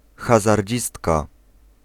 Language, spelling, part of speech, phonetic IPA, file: Polish, hazardzistka, noun, [ˌxazarʲˈd͡ʑistka], Pl-hazardzistka.ogg